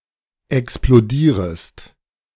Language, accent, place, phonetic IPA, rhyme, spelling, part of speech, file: German, Germany, Berlin, [ɛksploˈdiːʁəst], -iːʁəst, explodierest, verb, De-explodierest.ogg
- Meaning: second-person singular subjunctive I of explodieren